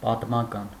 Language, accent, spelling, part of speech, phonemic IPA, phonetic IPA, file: Armenian, Eastern Armenian, պատմական, adjective, /pɑtmɑˈkɑn/, [pɑtmɑkɑ́n], Hy-պատմական.ogg
- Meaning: historical